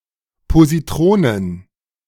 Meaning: plural of Positron
- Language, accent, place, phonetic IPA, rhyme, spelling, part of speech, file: German, Germany, Berlin, [poziˈtʁoːnən], -oːnən, Positronen, noun, De-Positronen.ogg